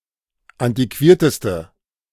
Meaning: inflection of antiquiert: 1. strong/mixed nominative/accusative feminine singular superlative degree 2. strong nominative/accusative plural superlative degree
- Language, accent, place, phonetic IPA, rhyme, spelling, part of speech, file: German, Germany, Berlin, [ˌantiˈkviːɐ̯təstə], -iːɐ̯təstə, antiquierteste, adjective, De-antiquierteste.ogg